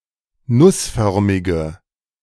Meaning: inflection of nussförmig: 1. strong/mixed nominative/accusative feminine singular 2. strong nominative/accusative plural 3. weak nominative all-gender singular
- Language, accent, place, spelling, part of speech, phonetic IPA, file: German, Germany, Berlin, nussförmige, adjective, [ˈnʊsˌfœʁmɪɡə], De-nussförmige.ogg